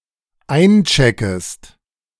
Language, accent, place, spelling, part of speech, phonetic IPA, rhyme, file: German, Germany, Berlin, eincheckest, verb, [ˈaɪ̯nˌt͡ʃɛkəst], -aɪ̯nt͡ʃɛkəst, De-eincheckest.ogg
- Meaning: second-person singular dependent subjunctive I of einchecken